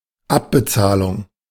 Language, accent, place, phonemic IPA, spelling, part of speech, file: German, Germany, Berlin, /ˈapbəˌt͡saːlʊŋ/, Abbezahlung, noun, De-Abbezahlung.ogg
- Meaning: repayment